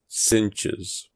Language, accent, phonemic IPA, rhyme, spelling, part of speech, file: English, US, /ˈsɪntʃɪz/, -ɪntʃɪz, cinches, noun / verb, En-us-cinches.ogg
- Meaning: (noun) plural of cinch; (verb) third-person singular simple present indicative of cinch